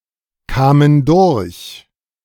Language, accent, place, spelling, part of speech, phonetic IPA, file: German, Germany, Berlin, kamen durch, verb, [ˌkaːmən ˈdʊʁç], De-kamen durch.ogg
- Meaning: first/third-person plural preterite of durchkommen